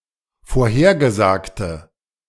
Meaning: inflection of vorhergesagt: 1. strong/mixed nominative/accusative feminine singular 2. strong nominative/accusative plural 3. weak nominative all-gender singular
- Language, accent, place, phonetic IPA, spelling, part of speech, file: German, Germany, Berlin, [foːɐ̯ˈheːɐ̯ɡəˌzaːktə], vorhergesagte, adjective, De-vorhergesagte.ogg